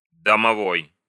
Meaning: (adjective) alternative form of домо́вый (domóvyj, “house (relational)”); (noun) domovoy, a house spirit or sprite
- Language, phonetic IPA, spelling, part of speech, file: Russian, [dəmɐˈvoj], домовой, adjective / noun, Ru-домовой.ogg